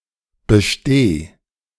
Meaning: singular imperative of bestehen
- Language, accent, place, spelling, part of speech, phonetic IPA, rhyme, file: German, Germany, Berlin, besteh, verb, [bəˈʃteː], -eː, De-besteh.ogg